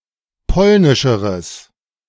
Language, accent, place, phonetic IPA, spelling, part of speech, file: German, Germany, Berlin, [ˈpɔlnɪʃəʁəs], polnischeres, adjective, De-polnischeres.ogg
- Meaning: strong/mixed nominative/accusative neuter singular comparative degree of polnisch